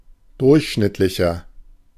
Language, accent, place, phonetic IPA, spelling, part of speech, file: German, Germany, Berlin, [ˈdʊʁçˌʃnɪtlɪçɐ], durchschnittlicher, adjective, De-durchschnittlicher.ogg
- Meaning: 1. comparative degree of durchschnittlich 2. inflection of durchschnittlich: strong/mixed nominative masculine singular 3. inflection of durchschnittlich: strong genitive/dative feminine singular